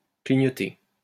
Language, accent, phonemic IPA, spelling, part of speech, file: French, France, /kli.ɲɔ.te/, clignoter, verb, LL-Q150 (fra)-clignoter.wav
- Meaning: 1. to blink, to flash; to turn on and off repeatedly 2. to indicate (the direction) 3. to blink repeatedly